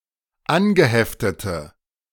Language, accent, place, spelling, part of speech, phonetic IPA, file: German, Germany, Berlin, angeheftete, adjective, [ˈanɡəˌhɛftətə], De-angeheftete.ogg
- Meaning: inflection of angeheftet: 1. strong/mixed nominative/accusative feminine singular 2. strong nominative/accusative plural 3. weak nominative all-gender singular